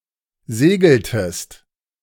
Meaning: inflection of segeln: 1. second-person singular preterite 2. second-person singular subjunctive II
- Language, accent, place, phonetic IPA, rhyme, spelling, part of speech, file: German, Germany, Berlin, [ˈzeːɡl̩təst], -eːɡl̩təst, segeltest, verb, De-segeltest.ogg